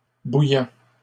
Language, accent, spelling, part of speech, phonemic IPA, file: French, Canada, bouillants, adjective, /bu.jɑ̃/, LL-Q150 (fra)-bouillants.wav
- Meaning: masculine plural of bouillant